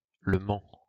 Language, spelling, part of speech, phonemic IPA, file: French, Le Mans, proper noun, /lə mɑ̃/, LL-Q150 (fra)-Le Mans.wav
- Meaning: Le Mans (a city, the prefecture of Sarthe department, Pays de la Loire, France)